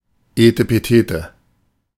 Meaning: hoity-toity, finical, affected, stilted
- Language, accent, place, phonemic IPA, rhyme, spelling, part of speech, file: German, Germany, Berlin, /ˌeːtəpəˈteːtə/, -eːtə, etepetete, adjective, De-etepetete.ogg